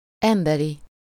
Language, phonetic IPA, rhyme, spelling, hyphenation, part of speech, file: Hungarian, [ˈɛmbɛri], -ri, emberi, em‧be‧ri, adjective, Hu-emberi.ogg
- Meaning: human (of, or belonging to the species Homo sapiens)